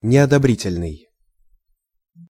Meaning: unapproving, disapproving, disapprobatory
- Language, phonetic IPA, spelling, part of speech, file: Russian, [nʲɪədɐˈbrʲitʲɪlʲnɨj], неодобрительный, adjective, Ru-неодобрительный.ogg